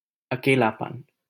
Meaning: loneliness
- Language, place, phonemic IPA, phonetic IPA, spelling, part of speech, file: Hindi, Delhi, /ə.keː.lɑː.pən/, [ɐ.keː.läː.pɐ̃n], अकेलापन, noun, LL-Q1568 (hin)-अकेलापन.wav